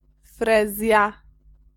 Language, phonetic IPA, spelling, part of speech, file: Polish, [ˈfrɛzʲja], frezja, noun, Pl-frezja.ogg